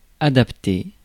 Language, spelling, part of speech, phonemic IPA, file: French, adapter, verb, /a.dap.te/, Fr-adapter.ogg
- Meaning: 1. to adapt 2. to adapt oneself or itself